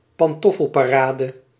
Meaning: a large number of ambling flaneurs, congregating at certain times (esp. on Sunday morning or afternoon) to show off their sense of fashion
- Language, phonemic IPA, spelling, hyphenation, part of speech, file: Dutch, /pɑnˈtɔ.fəl.paːˌraː.də/, pantoffelparade, pan‧tof‧fel‧pa‧ra‧de, noun, Nl-pantoffelparade.ogg